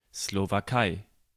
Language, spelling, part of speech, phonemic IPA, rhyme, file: German, Slowakei, proper noun, /ˌslovaˈkaɪ̯/, -aɪ̯, De-Slowakei.ogg
- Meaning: Slovakia (a country in Central Europe)